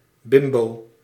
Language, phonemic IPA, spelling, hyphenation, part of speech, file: Dutch, /ˈbɪm.boː/, bimbo, bim‧bo, noun, Nl-bimbo.ogg
- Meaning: bimbo (unintelligent floozie)